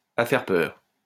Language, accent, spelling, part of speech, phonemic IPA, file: French, France, à faire peur, adverb, /a fɛʁ pœʁ/, LL-Q150 (fra)-à faire peur.wav
- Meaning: frighteningly, extremely